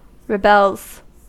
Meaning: third-person singular simple present indicative of rebel
- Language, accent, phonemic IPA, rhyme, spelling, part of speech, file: English, US, /ɹəˈbɛlz/, -ɛlz, rebels, verb, En-us-rebels.ogg